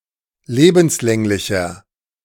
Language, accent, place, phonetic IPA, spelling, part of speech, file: German, Germany, Berlin, [ˈleːbm̩sˌlɛŋlɪçɐ], lebenslänglicher, adjective, De-lebenslänglicher.ogg
- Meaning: inflection of lebenslänglich: 1. strong/mixed nominative masculine singular 2. strong genitive/dative feminine singular 3. strong genitive plural